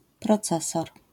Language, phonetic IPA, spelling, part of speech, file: Polish, [prɔˈt͡sɛsɔr], procesor, noun, LL-Q809 (pol)-procesor.wav